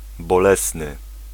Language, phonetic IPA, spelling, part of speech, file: Polish, [bɔˈlɛsnɨ], bolesny, adjective, Pl-bolesny.ogg